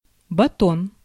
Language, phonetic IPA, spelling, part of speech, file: Russian, [bɐˈton], батон, noun, Ru-батон.ogg
- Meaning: loaf (of bread), bread stick